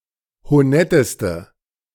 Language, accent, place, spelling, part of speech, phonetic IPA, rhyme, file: German, Germany, Berlin, honetteste, adjective, [hoˈnɛtəstə], -ɛtəstə, De-honetteste.ogg
- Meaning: inflection of honett: 1. strong/mixed nominative/accusative feminine singular superlative degree 2. strong nominative/accusative plural superlative degree